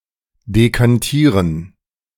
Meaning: 1. to decant (to pour off (a liquid) gently, so as not to disturb the sediment) 2. to decant (to pour from one vessel into another)
- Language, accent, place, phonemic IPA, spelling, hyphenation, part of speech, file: German, Germany, Berlin, /dekanˈtiːʁən/, dekantieren, de‧kan‧tie‧ren, verb, De-dekantieren.ogg